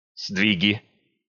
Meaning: nominative/accusative plural of сдвиг (sdvig)
- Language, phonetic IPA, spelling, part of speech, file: Russian, [ˈzdvʲiɡʲɪ], сдвиги, noun, Ru-сдвиги.ogg